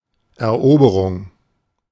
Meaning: 1. conquest 2. capture
- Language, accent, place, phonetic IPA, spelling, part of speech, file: German, Germany, Berlin, [ɛɐ̯ˈʔoːbəʁʊŋ], Eroberung, noun, De-Eroberung.ogg